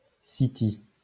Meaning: the City (London's financial district)
- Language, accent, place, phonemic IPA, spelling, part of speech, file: French, France, Lyon, /si.ti/, City, proper noun, LL-Q150 (fra)-City.wav